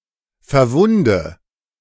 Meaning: inflection of verwunden: 1. first-person singular present 2. first/third-person singular subjunctive I 3. singular imperative
- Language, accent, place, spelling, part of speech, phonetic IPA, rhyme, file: German, Germany, Berlin, verwunde, verb, [fɛɐ̯ˈvʊndə], -ʊndə, De-verwunde.ogg